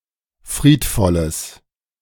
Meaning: strong/mixed nominative/accusative neuter singular of friedvoll
- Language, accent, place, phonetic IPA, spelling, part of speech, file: German, Germany, Berlin, [ˈfʁiːtˌfɔləs], friedvolles, adjective, De-friedvolles.ogg